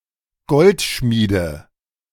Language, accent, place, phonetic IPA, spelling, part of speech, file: German, Germany, Berlin, [ˈɡɔltˌʃmiːdə], Goldschmiede, noun, De-Goldschmiede.ogg
- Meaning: nominative/accusative/genitive plural of Goldschmied